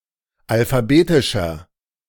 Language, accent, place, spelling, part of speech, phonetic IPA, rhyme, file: German, Germany, Berlin, alphabetischer, adjective, [alfaˈbeːtɪʃɐ], -eːtɪʃɐ, De-alphabetischer.ogg
- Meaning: inflection of alphabetisch: 1. strong/mixed nominative masculine singular 2. strong genitive/dative feminine singular 3. strong genitive plural